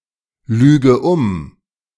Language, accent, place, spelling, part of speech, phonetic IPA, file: German, Germany, Berlin, lüge um, verb, [ˌlyːɡə ˈʊm], De-lüge um.ogg
- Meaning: inflection of umlügen: 1. first-person singular present 2. first/third-person singular subjunctive I 3. singular imperative